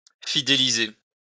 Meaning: to loyalize, to keep loyal
- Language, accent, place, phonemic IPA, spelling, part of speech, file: French, France, Lyon, /fi.de.li.ze/, fidéliser, verb, LL-Q150 (fra)-fidéliser.wav